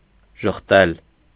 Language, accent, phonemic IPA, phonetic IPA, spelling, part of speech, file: Armenian, Eastern Armenian, /ʒəχˈtel/, [ʒəχtél], ժխտել, verb, Hy-ժխտել.ogg
- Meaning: to deny